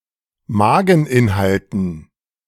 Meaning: dative plural of Mageninhalt
- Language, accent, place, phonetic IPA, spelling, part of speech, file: German, Germany, Berlin, [ˈmaːɡŋ̍ˌʔɪnhaltn̩], Mageninhalten, noun, De-Mageninhalten.ogg